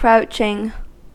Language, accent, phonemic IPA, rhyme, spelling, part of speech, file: English, US, /ˈkɹaʊt͡ʃɪŋ/, -aʊtʃɪŋ, crouching, verb / noun / adjective, En-us-crouching.ogg
- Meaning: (verb) present participle and gerund of crouch; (noun) The action of the verb crouch; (adjective) That crouches or crouch